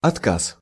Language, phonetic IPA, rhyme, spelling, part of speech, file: Russian, [ɐtˈkas], -as, отказ, noun, Ru-отказ.ogg
- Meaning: 1. refusal, denial, repudiation, rejection 2. renunciation, disavowal 3. breakdown, failure